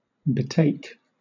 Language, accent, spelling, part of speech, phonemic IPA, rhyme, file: English, Southern England, betake, verb, /bɪˈteɪk/, -eɪk, LL-Q1860 (eng)-betake.wav
- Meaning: 1. To take over to; take across (to); deliver 2. To seize; lay hold of; take 3. To take oneself to; go or move; repair; resort; have recourse 4. To commit to a specified action